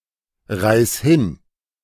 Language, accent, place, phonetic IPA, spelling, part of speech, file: German, Germany, Berlin, [ˌʁaɪ̯s ˈhɪn], reiß hin, verb, De-reiß hin.ogg
- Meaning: singular imperative of hinreißen